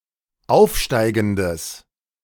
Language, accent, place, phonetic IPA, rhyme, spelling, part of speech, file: German, Germany, Berlin, [ˈaʊ̯fˌʃtaɪ̯ɡn̩dəs], -aʊ̯fʃtaɪ̯ɡn̩dəs, aufsteigendes, adjective, De-aufsteigendes.ogg
- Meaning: strong/mixed nominative/accusative neuter singular of aufsteigend